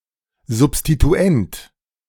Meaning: substituent
- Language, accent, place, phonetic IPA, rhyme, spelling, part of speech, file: German, Germany, Berlin, [zʊpstituˈɛnt], -ɛnt, Substituent, noun, De-Substituent.ogg